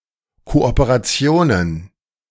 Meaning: plural of Kooperation
- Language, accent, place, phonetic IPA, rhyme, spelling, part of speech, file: German, Germany, Berlin, [ˌkoʔopeʁaˈt͡si̯oːnən], -oːnən, Kooperationen, noun, De-Kooperationen.ogg